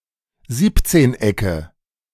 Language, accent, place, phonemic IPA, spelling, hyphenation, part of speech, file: German, Germany, Berlin, /ˈziːptseːnˌ.ɛkə/, Siebzehnecke, Sieb‧zehn‧ecke, noun, De-Siebzehnecke.ogg
- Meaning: nominative/accusative/genitive plural of Siebzehneck